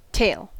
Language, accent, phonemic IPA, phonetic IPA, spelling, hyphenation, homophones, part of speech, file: English, US, /ˈteɪ̯l/, [ˈtʰeɪ̯l], tail, tail, tale / tael, noun / verb / adjective, En-us-tail.ogg
- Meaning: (noun) The caudal appendage of an animal that is attached to their posterior and near the anus or cloaca